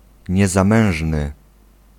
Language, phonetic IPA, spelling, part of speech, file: Polish, [ˌɲɛzãˈmɛ̃w̃ʒnɨ], niezamężny, adjective, Pl-niezamężny.ogg